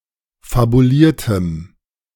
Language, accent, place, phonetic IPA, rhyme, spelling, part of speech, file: German, Germany, Berlin, [fabuˈliːɐ̯təm], -iːɐ̯təm, fabuliertem, adjective, De-fabuliertem.ogg
- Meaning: strong dative masculine/neuter singular of fabuliert